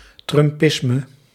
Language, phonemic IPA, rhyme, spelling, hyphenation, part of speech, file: Dutch, /ˌtrʏmˈpɪs.mə/, -ɪsmə, trumpisme, trum‧pis‧me, noun, Nl-trumpisme.ogg
- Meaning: Trumpism, the nativist ideology of Donald Trump and his supporters